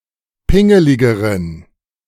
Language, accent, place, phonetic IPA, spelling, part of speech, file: German, Germany, Berlin, [ˈpɪŋəlɪɡəʁən], pingeligeren, adjective, De-pingeligeren.ogg
- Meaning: inflection of pingelig: 1. strong genitive masculine/neuter singular comparative degree 2. weak/mixed genitive/dative all-gender singular comparative degree